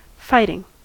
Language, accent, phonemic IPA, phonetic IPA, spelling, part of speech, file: English, General American, /ˈfaɪ.tɪŋ/, [ˈfaɪ.ɾɪŋ], fighting, adjective / verb / noun, En-us-fighting.ogg
- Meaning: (adjective) 1. Engaged in war or other conflict 2. Apt to provoke a fight; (verb) present participle and gerund of fight; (noun) The act or process of contending; violence or conflict